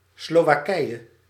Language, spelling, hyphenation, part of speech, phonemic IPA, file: Dutch, Slowakije, Slo‧wa‧kije, proper noun, /ˌsloː.ʋaːˈkɛi̯.(j)ə/, Nl-Slowakije.ogg
- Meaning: Slovakia (a country in Central Europe)